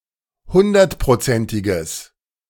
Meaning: strong/mixed nominative/accusative neuter singular of hundertprozentig
- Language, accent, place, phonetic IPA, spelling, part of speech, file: German, Germany, Berlin, [ˈhʊndɐtpʁoˌt͡sɛntɪɡəs], hundertprozentiges, adjective, De-hundertprozentiges.ogg